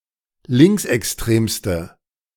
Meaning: inflection of linksextrem: 1. strong/mixed nominative/accusative feminine singular superlative degree 2. strong nominative/accusative plural superlative degree
- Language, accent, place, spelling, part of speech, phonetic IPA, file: German, Germany, Berlin, linksextremste, adjective, [ˈlɪŋksʔɛksˌtʁeːmstə], De-linksextremste.ogg